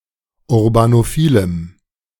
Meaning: strong dative masculine/neuter singular of urbanophil
- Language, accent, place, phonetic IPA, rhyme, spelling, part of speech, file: German, Germany, Berlin, [ʊʁbanoˈfiːləm], -iːləm, urbanophilem, adjective, De-urbanophilem.ogg